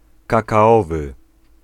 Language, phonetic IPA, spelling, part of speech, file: Polish, [ˌkakaˈɔvɨ], kakaowy, adjective, Pl-kakaowy.ogg